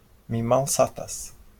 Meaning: I'm hungry
- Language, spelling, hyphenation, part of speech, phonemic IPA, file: Esperanto, mi malsatas, mi mal‧sa‧tas, phrase, /mi malˈsatas/, LL-Q143 (epo)-mi malsatas.wav